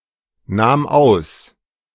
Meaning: first/third-person singular preterite of ausnehmen
- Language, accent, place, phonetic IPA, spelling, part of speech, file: German, Germany, Berlin, [ˌnaːm ˈaʊ̯s], nahm aus, verb, De-nahm aus.ogg